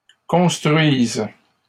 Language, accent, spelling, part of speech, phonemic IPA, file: French, Canada, construise, verb, /kɔ̃s.tʁɥiz/, LL-Q150 (fra)-construise.wav
- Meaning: first/third-person singular present subjunctive of construire